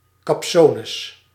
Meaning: pretensions, a high opinion of oneself
- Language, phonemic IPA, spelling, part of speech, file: Dutch, /kɑpˈsonəs/, kapsones, noun, Nl-kapsones.ogg